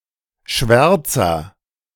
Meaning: comparative degree of schwarz
- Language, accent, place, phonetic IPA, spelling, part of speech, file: German, Germany, Berlin, [ˈʃvɛʁt͡sɐ], schwärzer, adjective, De-schwärzer.ogg